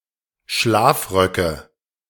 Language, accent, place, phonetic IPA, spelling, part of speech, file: German, Germany, Berlin, [ˈʃlaːfˌʁœkə], Schlafröcke, noun, De-Schlafröcke.ogg
- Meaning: nominative/accusative/genitive plural of Schlafrock